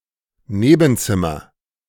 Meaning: neighbouring room, adjacent room
- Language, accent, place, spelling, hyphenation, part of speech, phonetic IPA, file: German, Germany, Berlin, Nebenzimmer, Ne‧ben‧zim‧mer, noun, [ˈneːbn̩ˌt͡sɪmɐ], De-Nebenzimmer.ogg